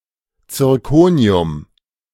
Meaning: zirconium
- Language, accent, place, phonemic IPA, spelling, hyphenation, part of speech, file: German, Germany, Berlin, /t͡sɪʁˈkoːni̯ʊm/, Zirkonium, Zir‧ko‧ni‧um, noun, De-Zirkonium.ogg